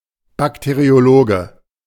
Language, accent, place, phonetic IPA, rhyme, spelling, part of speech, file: German, Germany, Berlin, [ˌbakteʁioˈloːɡə], -oːɡə, Bakteriologe, noun, De-Bakteriologe.ogg
- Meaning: bacteriologist (male or of unspecified gender)